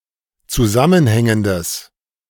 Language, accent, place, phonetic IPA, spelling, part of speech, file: German, Germany, Berlin, [t͡suˈzamənˌhɛŋəndəs], zusammenhängendes, adjective, De-zusammenhängendes.ogg
- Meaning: strong/mixed nominative/accusative neuter singular of zusammenhängend